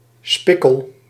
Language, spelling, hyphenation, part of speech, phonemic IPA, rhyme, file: Dutch, spikkel, spik‧kel, noun, /ˈspɪ.kəl/, -ɪkəl, Nl-spikkel.ogg
- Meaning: speckle, fleck